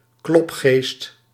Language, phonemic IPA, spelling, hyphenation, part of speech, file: Dutch, /ˈklɔp.xeːst/, klopgeest, klop‧geest, noun, Nl-klopgeest.ogg
- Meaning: 1. poltergeist 2. someone who knocks or drops by a lot